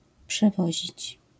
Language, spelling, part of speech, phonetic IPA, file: Polish, przewozić, verb, [pʃɛˈvɔʑit͡ɕ], LL-Q809 (pol)-przewozić.wav